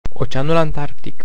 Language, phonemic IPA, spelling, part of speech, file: Romanian, /oˈt͡ʃe̯a.nul antˈark.tik/, Oceanul Antarctic, proper noun, Ro-Oceanul Antarctic.ogg